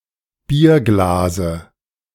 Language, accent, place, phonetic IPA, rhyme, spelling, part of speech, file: German, Germany, Berlin, [ˈbiːɐ̯ˌɡlaːzə], -iːɐ̯ɡlaːzə, Bierglase, noun, De-Bierglase.ogg
- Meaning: dative singular of Bierglas